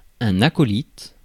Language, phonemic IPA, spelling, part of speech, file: French, /a.kɔ.lit/, acolyte, noun, Fr-acolyte.ogg
- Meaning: 1. acolyte 2. henchman, sidekick; partner in crime